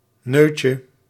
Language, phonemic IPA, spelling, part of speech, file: Dutch, /ˈnøcə/, neutje, noun, Nl-neutje.ogg
- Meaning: diminutive of neut